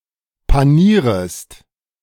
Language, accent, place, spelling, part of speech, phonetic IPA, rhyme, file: German, Germany, Berlin, panierest, verb, [paˈniːʁəst], -iːʁəst, De-panierest.ogg
- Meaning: second-person singular subjunctive I of panieren